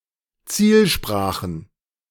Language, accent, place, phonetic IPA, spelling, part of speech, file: German, Germany, Berlin, [ˈt͡siːlˌʃpʁaːxn̩], Zielsprachen, noun, De-Zielsprachen.ogg
- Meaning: plural of Zielsprache